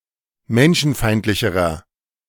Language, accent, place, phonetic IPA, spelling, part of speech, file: German, Germany, Berlin, [ˈmɛnʃn̩ˌfaɪ̯ntlɪçəʁɐ], menschenfeindlicherer, adjective, De-menschenfeindlicherer.ogg
- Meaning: inflection of menschenfeindlich: 1. strong/mixed nominative masculine singular comparative degree 2. strong genitive/dative feminine singular comparative degree